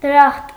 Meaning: paradise, heaven
- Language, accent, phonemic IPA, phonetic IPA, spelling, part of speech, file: Armenian, Eastern Armenian, /dəˈɾɑχt/, [dəɾɑ́χt], դրախտ, noun, Hy-դրախտ.ogg